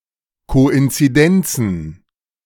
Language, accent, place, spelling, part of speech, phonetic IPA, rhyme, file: German, Germany, Berlin, Koinzidenzen, noun, [koʔɪnt͡siˈdɛnt͡sn̩], -ɛnt͡sn̩, De-Koinzidenzen.ogg
- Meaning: plural of Koinzidenz